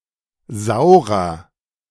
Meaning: 1. comparative degree of sauer 2. inflection of sauer: strong/mixed nominative masculine singular 3. inflection of sauer: strong genitive/dative feminine singular
- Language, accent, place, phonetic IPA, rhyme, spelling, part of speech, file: German, Germany, Berlin, [ˈzaʊ̯ʁɐ], -aʊ̯ʁɐ, saurer, adjective, De-saurer.ogg